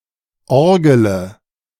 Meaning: inflection of orgeln: 1. first-person singular present 2. first-person plural subjunctive I 3. third-person singular subjunctive I 4. singular imperative
- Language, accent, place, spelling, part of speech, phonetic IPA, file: German, Germany, Berlin, orgele, verb, [ˈɔʁɡələ], De-orgele.ogg